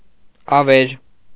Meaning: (adjective) desolate, ruined; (noun) 1. desolation, ruin 2. ruined place
- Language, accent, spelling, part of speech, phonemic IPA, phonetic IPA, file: Armenian, Eastern Armenian, ավեր, adjective / noun, /ɑˈveɾ/, [ɑvéɾ], Hy-ավեր.ogg